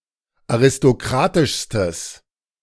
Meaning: strong/mixed nominative/accusative neuter singular superlative degree of aristokratisch
- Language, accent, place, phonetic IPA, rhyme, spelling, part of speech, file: German, Germany, Berlin, [aʁɪstoˈkʁaːtɪʃstəs], -aːtɪʃstəs, aristokratischstes, adjective, De-aristokratischstes.ogg